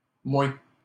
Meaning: alternative form of moi
- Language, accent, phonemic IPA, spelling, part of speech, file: French, Canada, /mwe/, moé, pronoun, LL-Q150 (fra)-moé.wav